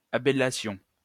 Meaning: first-person plural imperfect subjunctive of abaler
- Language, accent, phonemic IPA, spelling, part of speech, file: French, France, /a.ba.la.sjɔ̃/, abalassions, verb, LL-Q150 (fra)-abalassions.wav